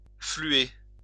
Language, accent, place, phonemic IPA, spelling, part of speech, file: French, France, Lyon, /fly.e/, fluer, verb, LL-Q150 (fra)-fluer.wav
- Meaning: 1. to flow 2. to creep